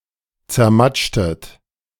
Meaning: inflection of zermatschen: 1. second-person plural preterite 2. second-person plural subjunctive II
- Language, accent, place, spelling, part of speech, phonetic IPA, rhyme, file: German, Germany, Berlin, zermatschtet, verb, [t͡sɛɐ̯ˈmat͡ʃtət], -at͡ʃtət, De-zermatschtet.ogg